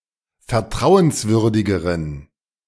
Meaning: inflection of vertrauenswürdig: 1. strong genitive masculine/neuter singular comparative degree 2. weak/mixed genitive/dative all-gender singular comparative degree
- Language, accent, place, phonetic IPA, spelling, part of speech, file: German, Germany, Berlin, [fɛɐ̯ˈtʁaʊ̯ənsˌvʏʁdɪɡəʁən], vertrauenswürdigeren, adjective, De-vertrauenswürdigeren.ogg